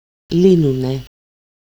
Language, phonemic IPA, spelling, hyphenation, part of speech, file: Greek, /ˈli.nu.ne/, λύνουνε, λύ‧νου‧νε, verb, El-λύνουνε.ogg
- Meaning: alternative form of λύνουν (lýnoun), first-person plural present active indicative of λύνω (lýno)